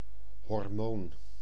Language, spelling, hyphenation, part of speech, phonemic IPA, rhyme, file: Dutch, hormoon, hor‧moon, noun, /ɦɔrˈmoːn/, -oːn, Nl-hormoon.ogg
- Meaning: hormone (substance produced by the body that physiologically affects bodily activity)